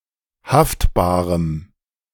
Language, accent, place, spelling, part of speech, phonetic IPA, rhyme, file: German, Germany, Berlin, haftbarem, adjective, [ˈhaftbaːʁəm], -aftbaːʁəm, De-haftbarem.ogg
- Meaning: strong dative masculine/neuter singular of haftbar